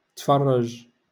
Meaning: to watch
- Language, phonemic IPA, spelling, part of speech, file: Moroccan Arabic, /tfar.raʒ/, تفرج, verb, LL-Q56426 (ary)-تفرج.wav